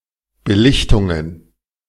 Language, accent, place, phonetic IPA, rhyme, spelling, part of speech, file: German, Germany, Berlin, [bəˈlɪçtʊŋən], -ɪçtʊŋən, Belichtungen, noun, De-Belichtungen.ogg
- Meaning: plural of Belichtung